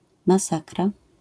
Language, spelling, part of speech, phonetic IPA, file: Polish, masakra, noun, [maˈsakra], LL-Q809 (pol)-masakra.wav